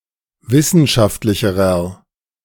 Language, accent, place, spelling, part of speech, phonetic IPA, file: German, Germany, Berlin, wissenschaftlicherer, adjective, [ˈvɪsn̩ʃaftlɪçəʁɐ], De-wissenschaftlicherer.ogg
- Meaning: inflection of wissenschaftlich: 1. strong/mixed nominative masculine singular comparative degree 2. strong genitive/dative feminine singular comparative degree